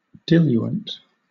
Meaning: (noun) 1. That which dilutes 2. A solvent or other liquid preparation used to dilute a sample prior to testing 3. An agent used for effecting dilution of the blood; a weak drink
- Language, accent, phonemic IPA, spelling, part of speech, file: English, Southern England, /ˈdɪljuənt/, diluent, noun / adjective, LL-Q1860 (eng)-diluent.wav